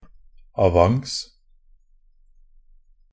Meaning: side in the clockwork to which the adjustment indicator must be set to make the clock go faster
- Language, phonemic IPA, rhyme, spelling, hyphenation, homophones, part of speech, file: Norwegian Bokmål, /aˈʋaŋs/, -aŋs, avance, a‧vance, A / a / avanse, noun, Nb-avance.ogg